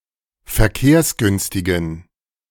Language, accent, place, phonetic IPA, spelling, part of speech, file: German, Germany, Berlin, [fɛɐ̯ˈkeːɐ̯sˌɡʏnstɪɡn̩], verkehrsgünstigen, adjective, De-verkehrsgünstigen.ogg
- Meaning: inflection of verkehrsgünstig: 1. strong genitive masculine/neuter singular 2. weak/mixed genitive/dative all-gender singular 3. strong/weak/mixed accusative masculine singular 4. strong dative plural